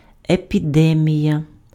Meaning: epidemic
- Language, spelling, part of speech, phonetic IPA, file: Ukrainian, епідемія, noun, [epʲiˈdɛmʲijɐ], Uk-епідемія.ogg